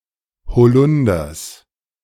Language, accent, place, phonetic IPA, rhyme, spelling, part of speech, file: German, Germany, Berlin, [hoˈlʊndɐs], -ʊndɐs, Holunders, noun, De-Holunders.ogg
- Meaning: genitive singular of Holunder